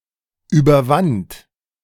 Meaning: first/third-person singular preterite of überwinden
- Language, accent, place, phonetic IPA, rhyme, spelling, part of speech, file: German, Germany, Berlin, [yːbɐˈvant], -ant, überwand, verb, De-überwand.ogg